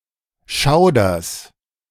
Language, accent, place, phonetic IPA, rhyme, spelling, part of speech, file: German, Germany, Berlin, [ˈʃaʊ̯dɐn], -aʊ̯dɐn, Schaudern, noun, De-Schaudern.ogg
- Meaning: dative plural of Schauder